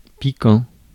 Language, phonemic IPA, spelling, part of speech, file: French, /pi.kɑ̃/, piquant, adjective / verb, Fr-piquant.ogg
- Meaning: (adjective) 1. spiky, spiny 2. piquant, pungent, spicy-hot (of food) 3. cold; ice-cold 4. scathing (of humor, a joke, etc.) 5. attractive; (verb) present participle of piquer